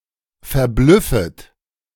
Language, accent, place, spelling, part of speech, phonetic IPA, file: German, Germany, Berlin, verblüffet, verb, [fɛɐ̯ˈblʏfət], De-verblüffet.ogg
- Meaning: second-person plural subjunctive I of verblüffen